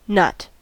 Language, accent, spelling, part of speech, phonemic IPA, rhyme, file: English, General American, nut, noun / verb / interjection, /nʌt/, -ʌt, En-us-nut.ogg
- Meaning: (noun) Any of various hard-shelled seeds or hard, dry fruits from various families of plants